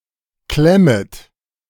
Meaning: second-person plural subjunctive I of klemmen
- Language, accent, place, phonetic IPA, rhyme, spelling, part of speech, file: German, Germany, Berlin, [ˈklɛmət], -ɛmət, klemmet, verb, De-klemmet.ogg